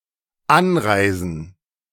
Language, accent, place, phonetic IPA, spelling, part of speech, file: German, Germany, Berlin, [ˈanˌʁaɪ̯zn̩], Anreisen, noun, De-Anreisen.ogg
- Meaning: 1. gerund of anreisen 2. plural of Anreise